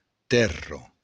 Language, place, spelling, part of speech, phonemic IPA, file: Occitan, Béarn, tèrra, noun, /ˈtɛro/, LL-Q14185 (oci)-tèrra.wav
- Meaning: earth